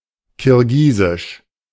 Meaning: Kyrgyz (of, from, or pertaining to Kyrgyzstan, the Kyrgyz people or the Kyrgyz language)
- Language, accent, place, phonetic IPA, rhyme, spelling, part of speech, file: German, Germany, Berlin, [kɪʁˈɡiːzɪʃ], -iːzɪʃ, kirgisisch, adjective, De-kirgisisch.ogg